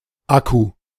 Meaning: rechargeable battery
- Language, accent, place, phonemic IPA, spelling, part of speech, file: German, Germany, Berlin, /ˈaku/, Akku, noun, De-Akku.ogg